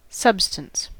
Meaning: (noun) 1. Physical matter; material 2. Physical matter; material.: A form of matter that has constant chemical composition and characteristic properties
- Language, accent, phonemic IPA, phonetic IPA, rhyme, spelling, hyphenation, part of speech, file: English, US, /ˈsʌbstəns/, [ˈsʌbstənts], -ʌbstəns, substance, sub‧stance, noun / verb, En-us-substance.ogg